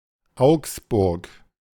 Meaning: Augsburg (an independent city, the administrative seat of the Swabia region, Bavaria, in southern Germany)
- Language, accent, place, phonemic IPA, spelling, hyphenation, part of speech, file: German, Germany, Berlin, /ˈaʊ̯ksbʊʁk/, Augsburg, Augsburg, proper noun, De-Augsburg.ogg